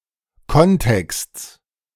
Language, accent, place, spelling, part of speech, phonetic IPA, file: German, Germany, Berlin, Kontexts, noun, [ˈkɔnˌtɛkst͡s], De-Kontexts.ogg
- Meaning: genitive of Kontext